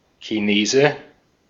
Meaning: 1. A Chinese person, particularly a Han Chinese person 2. Chinese restaurant
- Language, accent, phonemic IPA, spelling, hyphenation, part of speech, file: German, Austria, /kiˈneːzə/, Chinese, Chi‧ne‧se, noun, De-at-Chinese.ogg